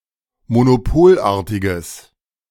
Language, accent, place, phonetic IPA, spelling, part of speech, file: German, Germany, Berlin, [monoˈpoːlˌʔaːɐ̯tɪɡəs], monopolartiges, adjective, De-monopolartiges.ogg
- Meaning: strong/mixed nominative/accusative neuter singular of monopolartig